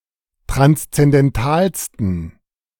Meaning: 1. superlative degree of transzendental 2. inflection of transzendental: strong genitive masculine/neuter singular superlative degree
- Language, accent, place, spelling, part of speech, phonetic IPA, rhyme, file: German, Germany, Berlin, transzendentalsten, adjective, [tʁanst͡sɛndɛnˈtaːlstn̩], -aːlstn̩, De-transzendentalsten.ogg